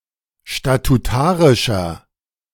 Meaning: inflection of statutarisch: 1. strong/mixed nominative masculine singular 2. strong genitive/dative feminine singular 3. strong genitive plural
- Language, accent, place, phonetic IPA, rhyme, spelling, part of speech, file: German, Germany, Berlin, [ʃtatuˈtaːʁɪʃɐ], -aːʁɪʃɐ, statutarischer, adjective, De-statutarischer.ogg